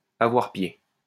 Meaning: when standing in a body of water, to be able to touch the bottom with one's feet and still have one's head above water
- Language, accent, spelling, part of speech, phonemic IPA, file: French, France, avoir pied, verb, /a.vwaʁ pje/, LL-Q150 (fra)-avoir pied.wav